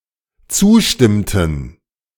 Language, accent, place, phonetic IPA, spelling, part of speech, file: German, Germany, Berlin, [ˈt͡suːˌʃtɪmtn̩], zustimmten, verb, De-zustimmten.ogg
- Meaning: inflection of zustimmen: 1. first/third-person plural dependent preterite 2. first/third-person plural dependent subjunctive II